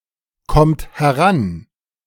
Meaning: inflection of herankommen: 1. third-person singular present 2. second-person plural present 3. plural imperative
- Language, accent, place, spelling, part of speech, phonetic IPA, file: German, Germany, Berlin, kommt heran, verb, [ˌkɔmt hɛˈʁan], De-kommt heran.ogg